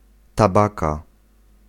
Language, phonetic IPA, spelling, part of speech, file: Polish, [taˈbaka], tabaka, noun, Pl-tabaka.ogg